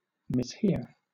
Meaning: 1. To hear wrongly 2. To misunderstand
- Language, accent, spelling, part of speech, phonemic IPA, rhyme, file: English, Southern England, mishear, verb, /mɪsˈhɪə(ɹ)/, -ɪə(ɹ), LL-Q1860 (eng)-mishear.wav